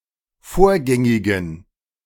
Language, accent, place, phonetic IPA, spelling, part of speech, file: German, Germany, Berlin, [ˈfoːɐ̯ˌɡɛŋɪɡn̩], vorgängigen, adjective, De-vorgängigen.ogg
- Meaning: inflection of vorgängig: 1. strong genitive masculine/neuter singular 2. weak/mixed genitive/dative all-gender singular 3. strong/weak/mixed accusative masculine singular 4. strong dative plural